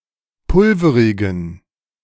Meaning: inflection of pulverig: 1. strong genitive masculine/neuter singular 2. weak/mixed genitive/dative all-gender singular 3. strong/weak/mixed accusative masculine singular 4. strong dative plural
- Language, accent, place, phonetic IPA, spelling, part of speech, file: German, Germany, Berlin, [ˈpʊlfəʁɪɡn̩], pulverigen, adjective, De-pulverigen.ogg